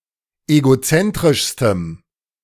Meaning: strong dative masculine/neuter singular superlative degree of egozentrisch
- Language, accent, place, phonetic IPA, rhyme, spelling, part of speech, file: German, Germany, Berlin, [eɡoˈt͡sɛntʁɪʃstəm], -ɛntʁɪʃstəm, egozentrischstem, adjective, De-egozentrischstem.ogg